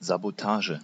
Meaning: sabotage
- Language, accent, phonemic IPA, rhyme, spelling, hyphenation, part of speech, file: German, Germany, /zaboˈtaːʒə/, -aːʒə, Sabotage, Sa‧bo‧ta‧ge, noun, De-Sabotage.ogg